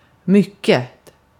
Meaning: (adjective) indefinite neuter singular of mycken; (adverb) 1. much, a lot 2. very
- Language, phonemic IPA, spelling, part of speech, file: Swedish, /ˈmʏˌkɛ(t)/, mycket, adjective / adverb, Sv-mycket.ogg